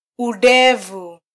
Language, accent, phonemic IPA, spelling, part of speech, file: Swahili, Kenya, /uˈɗɛ.vu/, udevu, noun, Sw-ke-udevu.flac
- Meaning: 1. beard hair 2. beard